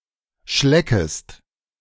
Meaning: second-person singular subjunctive I of schlecken
- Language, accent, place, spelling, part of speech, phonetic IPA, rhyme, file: German, Germany, Berlin, schleckest, verb, [ˈʃlɛkəst], -ɛkəst, De-schleckest.ogg